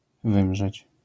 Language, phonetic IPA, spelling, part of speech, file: Polish, [ˈvɨ̃mʒɛt͡ɕ], wymrzeć, verb, LL-Q809 (pol)-wymrzeć.wav